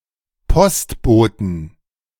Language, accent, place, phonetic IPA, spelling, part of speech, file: German, Germany, Berlin, [ˈpɔstˌboːtn̩], Postboten, noun, De-Postboten.ogg
- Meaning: 1. genitive singular of Postbote 2. plural of Postbote